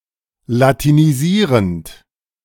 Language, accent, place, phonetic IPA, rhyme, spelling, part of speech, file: German, Germany, Berlin, [latiniˈziːʁənt], -iːʁənt, latinisierend, verb, De-latinisierend.ogg
- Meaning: present participle of latinisieren